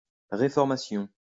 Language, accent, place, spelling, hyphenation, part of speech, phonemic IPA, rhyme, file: French, France, Lyon, réformation, ré‧form‧a‧tion, noun, /ʁe.fɔʁ.ma.sjɔ̃/, -jɔ̃, LL-Q150 (fra)-réformation.wav
- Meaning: 1. reformation 2. Reformation (religious movement initiated by Martin Luther to reform the Roman Catholic Church)